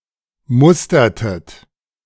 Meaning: inflection of mustern: 1. second-person plural preterite 2. second-person plural subjunctive II
- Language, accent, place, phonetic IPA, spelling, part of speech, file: German, Germany, Berlin, [ˈmʊstɐtət], mustertet, verb, De-mustertet.ogg